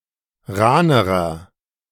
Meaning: inflection of rahn: 1. strong/mixed nominative masculine singular comparative degree 2. strong genitive/dative feminine singular comparative degree 3. strong genitive plural comparative degree
- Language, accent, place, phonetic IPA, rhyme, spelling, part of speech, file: German, Germany, Berlin, [ˈʁaːnəʁɐ], -aːnəʁɐ, rahnerer, adjective, De-rahnerer.ogg